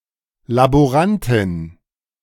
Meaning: female laboratory assistant
- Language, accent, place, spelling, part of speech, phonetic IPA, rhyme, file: German, Germany, Berlin, Laborantin, noun, [laboˈʁantɪn], -antɪn, De-Laborantin.ogg